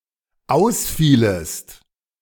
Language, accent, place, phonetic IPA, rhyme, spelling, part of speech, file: German, Germany, Berlin, [ˈaʊ̯sˌfiːləst], -aʊ̯sfiːləst, ausfielest, verb, De-ausfielest.ogg
- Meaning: second-person singular dependent subjunctive II of ausfallen